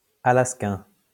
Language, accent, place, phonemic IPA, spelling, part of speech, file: French, France, Lyon, /a.las.kɛ̃/, alaskain, adjective, LL-Q150 (fra)-alaskain.wav
- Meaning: synonym of alaskien (“of Alaska; Alaskan”)